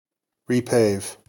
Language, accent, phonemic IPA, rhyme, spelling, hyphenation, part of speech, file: English, US, /ɹiːˈpeɪv/, -eɪv, repave, re‧pave, verb, En-us-repave.ogg
- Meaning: To pave over again